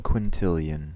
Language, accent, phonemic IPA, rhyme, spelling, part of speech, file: English, US, /kwɪnˈtɪljən/, -ɪljən, quintillion, numeral / noun, En-us-quintillion.ogg
- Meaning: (numeral) Either of two very large amounts: 1. A billion billion: 1 followed by eighteen zeros, 10¹⁸; one million million million 2. A million quadrillion: 1 followed by 30 zeros, 10³⁰